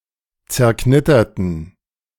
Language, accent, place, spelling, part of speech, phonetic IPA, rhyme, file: German, Germany, Berlin, zerknitterten, adjective / verb, [t͡sɛɐ̯ˈknɪtɐtn̩], -ɪtɐtn̩, De-zerknitterten.ogg
- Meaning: inflection of zerknittert: 1. strong genitive masculine/neuter singular 2. weak/mixed genitive/dative all-gender singular 3. strong/weak/mixed accusative masculine singular 4. strong dative plural